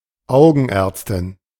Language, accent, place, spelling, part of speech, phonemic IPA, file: German, Germany, Berlin, Augenärztin, noun, /ˈaʊɡənˌɛʁtstɪn/, De-Augenärztin.ogg
- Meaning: ophthalmologist or eye doctor (female)